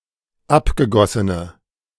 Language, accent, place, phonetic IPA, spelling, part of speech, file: German, Germany, Berlin, [ˈapɡəˌɡɔsənə], abgegossene, adjective, De-abgegossene.ogg
- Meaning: inflection of abgegossen: 1. strong/mixed nominative/accusative feminine singular 2. strong nominative/accusative plural 3. weak nominative all-gender singular